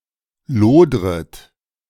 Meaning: second-person plural subjunctive I of lodern
- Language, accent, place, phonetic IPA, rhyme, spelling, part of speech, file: German, Germany, Berlin, [ˈloːdʁət], -oːdʁət, lodret, verb, De-lodret.ogg